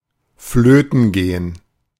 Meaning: to be lost, to be gone
- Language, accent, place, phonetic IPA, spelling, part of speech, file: German, Germany, Berlin, [ˈfløːtn̩ ˈɡeːən], flöten gehen, verb, De-flöten gehen.ogg